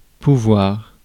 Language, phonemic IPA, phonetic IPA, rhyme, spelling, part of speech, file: French, /pu.vwaʁ/, [pu.wɒɾ], -waʁ, pouvoir, verb / noun, Fr-pouvoir.ogg
- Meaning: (verb) 1. can, to be able to 2. may (of a choice) 3. to be possible; may, could be 4. to have the right (to) 5. to have the power, the authority or the talent (to do something); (noun) power